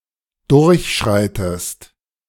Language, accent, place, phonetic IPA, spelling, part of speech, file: German, Germany, Berlin, [ˈdʊʁçˌʃʁaɪ̯təst], durchschreitest, verb, De-durchschreitest.ogg
- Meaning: inflection of durchschreiten: 1. second-person singular present 2. second-person singular subjunctive I